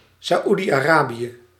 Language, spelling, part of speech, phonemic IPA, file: Dutch, Saudi-Arabië, proper noun, /saˌudiɑˈrabijə/, Nl-Saudi-Arabië.ogg
- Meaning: Saudi Arabia (a country in West Asia in the Middle East)